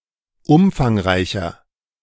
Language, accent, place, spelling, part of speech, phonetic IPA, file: German, Germany, Berlin, umfangreicher, adjective, [ˈʊmfaŋˌʁaɪ̯çɐ], De-umfangreicher.ogg
- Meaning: 1. comparative degree of umfangreich 2. inflection of umfangreich: strong/mixed nominative masculine singular 3. inflection of umfangreich: strong genitive/dative feminine singular